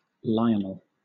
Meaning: 1. A male given name from Latin of mostly British usage 2. A village in Ness, Isle of Lewis, Western Isles council area, Scotland (OS grid ref NB5363). From Scottish Gaelic
- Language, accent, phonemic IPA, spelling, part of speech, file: English, Southern England, /ˈlaɪənl/, Lionel, proper noun, LL-Q1860 (eng)-Lionel.wav